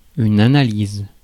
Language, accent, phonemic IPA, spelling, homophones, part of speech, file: French, France, /a.na.liz/, analyse, analyses / analysent, noun / verb, Fr-analyse.ogg
- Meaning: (noun) analysis; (verb) inflection of analyser: 1. first/third-person singular present indicative/subjunctive 2. second-person singular imperative